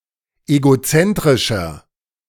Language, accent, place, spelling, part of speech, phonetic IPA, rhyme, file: German, Germany, Berlin, egozentrischer, adjective, [eɡoˈt͡sɛntʁɪʃɐ], -ɛntʁɪʃɐ, De-egozentrischer.ogg
- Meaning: 1. comparative degree of egozentrisch 2. inflection of egozentrisch: strong/mixed nominative masculine singular 3. inflection of egozentrisch: strong genitive/dative feminine singular